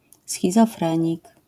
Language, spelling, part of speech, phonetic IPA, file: Polish, schizofrenik, noun, [ˌsxʲizɔˈfrɛ̃ɲik], LL-Q809 (pol)-schizofrenik.wav